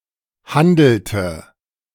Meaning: inflection of handeln: 1. first/third-person singular preterite 2. first/third-person singular subjunctive II
- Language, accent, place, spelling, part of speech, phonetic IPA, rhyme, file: German, Germany, Berlin, handelte, verb, [ˈhandl̩tə], -andl̩tə, De-handelte.ogg